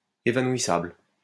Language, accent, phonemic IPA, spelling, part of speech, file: French, France, /e.va.nwi.sabl/, évanouissable, adjective, LL-Q150 (fra)-évanouissable.wav
- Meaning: 1. Liable to faint 2. vanishingly small